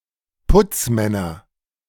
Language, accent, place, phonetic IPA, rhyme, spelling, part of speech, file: German, Germany, Berlin, [ˈpʊt͡sˌmɛnɐ], -ʊt͡smɛnɐ, Putzmänner, noun, De-Putzmänner.ogg
- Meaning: nominative/accusative/genitive plural of Putzmann